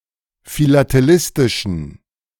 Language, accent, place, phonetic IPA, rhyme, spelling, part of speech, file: German, Germany, Berlin, [filateˈlɪstɪʃn̩], -ɪstɪʃn̩, philatelistischen, adjective, De-philatelistischen.ogg
- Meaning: inflection of philatelistisch: 1. strong genitive masculine/neuter singular 2. weak/mixed genitive/dative all-gender singular 3. strong/weak/mixed accusative masculine singular 4. strong dative plural